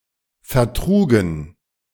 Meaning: first/third-person plural preterite of vertragen
- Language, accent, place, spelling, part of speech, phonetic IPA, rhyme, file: German, Germany, Berlin, vertrugen, verb, [fɛɐ̯ˈtʁuːɡn̩], -uːɡn̩, De-vertrugen.ogg